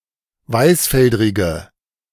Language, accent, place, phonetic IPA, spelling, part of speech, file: German, Germany, Berlin, [ˈvaɪ̯sˌfɛldʁɪɡə], weißfeldrige, adjective, De-weißfeldrige.ogg
- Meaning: inflection of weißfeldrig: 1. strong/mixed nominative/accusative feminine singular 2. strong nominative/accusative plural 3. weak nominative all-gender singular